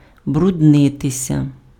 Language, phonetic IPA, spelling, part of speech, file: Ukrainian, [brʊdˈnɪtesʲɐ], бруднитися, verb, Uk-бруднитися.ogg
- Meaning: to get dirty